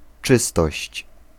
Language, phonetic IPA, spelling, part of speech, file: Polish, [ˈt͡ʃɨstɔɕt͡ɕ], czystość, noun, Pl-czystość.ogg